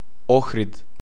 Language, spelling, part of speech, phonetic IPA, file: Macedonian, Охрид, proper noun, [ˈɔxrit], Mk-Ohrid.ogg
- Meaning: Ohrid (a city in North Macedonia)